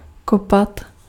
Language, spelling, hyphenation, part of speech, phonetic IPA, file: Czech, kopat, ko‧pat, verb, [ˈkopat], Cs-kopat.ogg
- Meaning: 1. to dig 2. to kick